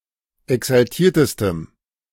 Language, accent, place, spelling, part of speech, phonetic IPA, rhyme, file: German, Germany, Berlin, exaltiertestem, adjective, [ɛksalˈtiːɐ̯təstəm], -iːɐ̯təstəm, De-exaltiertestem.ogg
- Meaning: strong dative masculine/neuter singular superlative degree of exaltiert